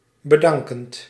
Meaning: present participle of bedanken
- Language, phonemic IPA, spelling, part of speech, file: Dutch, /bə.ˈdɑŋ.kənt/, bedankend, verb, Nl-bedankend.ogg